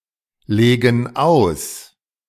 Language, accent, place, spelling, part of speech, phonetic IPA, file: German, Germany, Berlin, legen aus, verb, [ˌleːɡn̩ ˈaʊ̯s], De-legen aus.ogg
- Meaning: inflection of auslegen: 1. first/third-person plural present 2. first/third-person plural subjunctive I